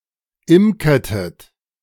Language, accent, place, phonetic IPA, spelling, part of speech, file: German, Germany, Berlin, [ˈɪmkɐtət], imkertet, verb, De-imkertet.ogg
- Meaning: inflection of imkern: 1. second-person plural preterite 2. second-person plural subjunctive II